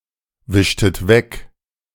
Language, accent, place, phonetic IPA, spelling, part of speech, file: German, Germany, Berlin, [ˌvɪʃtət ˈvɛk], wischtet weg, verb, De-wischtet weg.ogg
- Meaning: inflection of wegwischen: 1. second-person plural preterite 2. second-person plural subjunctive II